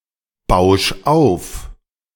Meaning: 1. singular imperative of aufbauschen 2. first-person singular present of aufbauschen
- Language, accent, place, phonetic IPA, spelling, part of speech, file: German, Germany, Berlin, [ˌbaʊ̯ʃ ˈaʊ̯f], bausch auf, verb, De-bausch auf.ogg